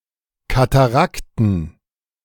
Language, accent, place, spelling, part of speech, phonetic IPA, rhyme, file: German, Germany, Berlin, Katarakten, noun, [kataˈʁaktn̩], -aktn̩, De-Katarakten.ogg
- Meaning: dative plural of Katarakt